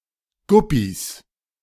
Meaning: 1. genitive singular of Guppy 2. plural of Guppy
- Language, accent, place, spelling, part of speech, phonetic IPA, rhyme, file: German, Germany, Berlin, Guppys, noun, [ˈɡʊpis], -ʊpis, De-Guppys.ogg